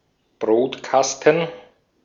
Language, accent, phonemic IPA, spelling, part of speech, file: German, Austria, /ˈbʁoːtˌkastn̩/, Brotkasten, noun, De-at-Brotkasten.ogg
- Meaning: 1. bread box, breadbin 2. C64 home computer, especially the original model